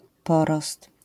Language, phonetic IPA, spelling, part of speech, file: Polish, [ˈpɔrɔst], porost, noun, LL-Q809 (pol)-porost.wav